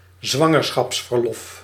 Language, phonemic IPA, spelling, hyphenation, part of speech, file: Dutch, /ˈzʋɑ.ŋər.sxɑps.vərˌlɔf/, zwangerschapsverlof, zwan‧ger‧schaps‧ver‧lof, noun, Nl-zwangerschapsverlof.ogg
- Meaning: maternity leave (before giving birth)